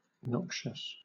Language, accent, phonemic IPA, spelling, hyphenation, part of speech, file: English, Southern England, /ˈnɒkʃəs/, noxious, nox‧ious, adjective, LL-Q1860 (eng)-noxious.wav
- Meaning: Harmful; injurious